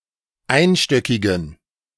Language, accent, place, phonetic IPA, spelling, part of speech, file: German, Germany, Berlin, [ˈaɪ̯nˌʃtœkɪɡn̩], einstöckigen, adjective, De-einstöckigen.ogg
- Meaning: inflection of einstöckig: 1. strong genitive masculine/neuter singular 2. weak/mixed genitive/dative all-gender singular 3. strong/weak/mixed accusative masculine singular 4. strong dative plural